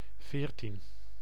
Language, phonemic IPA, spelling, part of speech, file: Dutch, /ˈveːr.tin/, veertien, numeral, Nl-veertien.ogg
- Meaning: fourteen